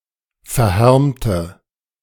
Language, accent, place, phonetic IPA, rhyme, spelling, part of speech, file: German, Germany, Berlin, [fɛɐ̯ˈhɛʁmtə], -ɛʁmtə, verhärmte, adjective, De-verhärmte.ogg
- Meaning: inflection of verhärmt: 1. strong/mixed nominative/accusative feminine singular 2. strong nominative/accusative plural 3. weak nominative all-gender singular